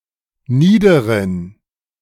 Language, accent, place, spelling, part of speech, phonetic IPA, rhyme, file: German, Germany, Berlin, niederen, adjective, [ˈniːdəʁən], -iːdəʁən, De-niederen.ogg
- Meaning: inflection of nieder: 1. strong genitive masculine/neuter singular 2. weak/mixed genitive/dative all-gender singular 3. strong/weak/mixed accusative masculine singular 4. strong dative plural